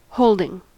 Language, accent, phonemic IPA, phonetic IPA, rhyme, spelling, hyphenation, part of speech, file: English, US, /ˈhəʊldɪŋ/, [ˈhoʊɫdɪŋ], -əʊldɪŋ, holding, hold‧ing, noun / verb, En-us-holding.ogg
- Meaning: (noun) 1. Something that one owns, especially stocks and bonds 2. A determination of law made by a court 3. A tenure; a farm or other estate held of another 4. Logic; consistency